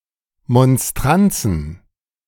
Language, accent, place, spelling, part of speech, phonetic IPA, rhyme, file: German, Germany, Berlin, Monstranzen, noun, [mɔnˈstʁant͡sn̩], -ant͡sn̩, De-Monstranzen.ogg
- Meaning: plural of Monstranz